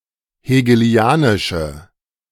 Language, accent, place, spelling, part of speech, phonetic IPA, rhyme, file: German, Germany, Berlin, hegelianische, adjective, [heːɡəˈli̯aːnɪʃə], -aːnɪʃə, De-hegelianische.ogg
- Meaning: inflection of hegelianisch: 1. strong/mixed nominative/accusative feminine singular 2. strong nominative/accusative plural 3. weak nominative all-gender singular